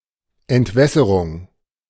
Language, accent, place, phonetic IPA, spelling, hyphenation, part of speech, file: German, Germany, Berlin, [ɛntˈvɛsəʁʊŋ], Entwässerung, Ent‧wäs‧se‧rung, noun, De-Entwässerung.ogg
- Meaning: 1. dewatering, drainage, dehydration, diversion 2. drainage system